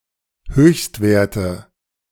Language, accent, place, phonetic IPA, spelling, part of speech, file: German, Germany, Berlin, [ˈhøːçstˌveːɐ̯tə], Höchstwerte, noun, De-Höchstwerte.ogg
- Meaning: nominative/accusative/genitive plural of Höchstwert